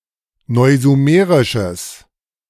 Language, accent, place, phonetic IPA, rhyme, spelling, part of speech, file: German, Germany, Berlin, [ˌnɔɪ̯zuˈmeːʁɪʃəs], -eːʁɪʃəs, neusumerisches, adjective, De-neusumerisches.ogg
- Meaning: strong/mixed nominative/accusative neuter singular of neusumerisch